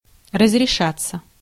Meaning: 1. to be solved 2. to be settled/resolved 3. to be allowed 4. passive of разреша́ть (razrešátʹ)
- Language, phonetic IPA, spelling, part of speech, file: Russian, [rəzrʲɪˈʂat͡sːə], разрешаться, verb, Ru-разрешаться.ogg